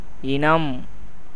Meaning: 1. kind, breed, race 2. species 3. friend
- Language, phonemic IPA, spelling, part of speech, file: Tamil, /ɪnɐm/, இனம், noun, Ta-இனம்.ogg